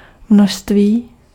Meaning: 1. quantity, amount 2. abundance, wealth
- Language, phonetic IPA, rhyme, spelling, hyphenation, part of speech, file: Czech, [ˈmnoʃstviː], -oʃstviː, množství, množ‧ství, noun, Cs-množství.ogg